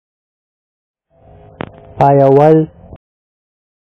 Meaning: to continue
- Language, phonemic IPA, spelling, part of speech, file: Pashto, /pɑˈyaˈwəl/, پايول, verb, Ps-پايول.oga